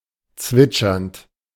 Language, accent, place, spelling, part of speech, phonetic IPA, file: German, Germany, Berlin, zwitschernd, verb, [ˈt͡svɪt͡ʃɐnt], De-zwitschernd.ogg
- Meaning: present participle of zwitschern